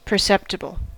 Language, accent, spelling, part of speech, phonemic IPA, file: English, US, perceptible, adjective / noun, /pɚˈsɛptəbl̩/, En-us-perceptible.ogg
- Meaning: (adjective) Able to be perceived, sensed, or discerned; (noun) Anything that can be perceived